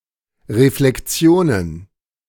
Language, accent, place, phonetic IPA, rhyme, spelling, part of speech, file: German, Germany, Berlin, [ʁeflɛkˈt͡si̯oːnən], -oːnən, Reflektionen, noun, De-Reflektionen.ogg
- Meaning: plural of Reflektion